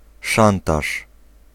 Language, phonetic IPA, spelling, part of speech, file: Polish, [ˈʃãntaʃ], szantaż, noun, Pl-szantaż.ogg